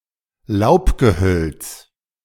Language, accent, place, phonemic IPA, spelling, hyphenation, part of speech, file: German, Germany, Berlin, /ˈl̩aʊ̯pɡəˌhœlt͡s/, Laubgehölz, Laub‧ge‧hölz, noun, De-Laubgehölz.ogg
- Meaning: deciduous tree or shrub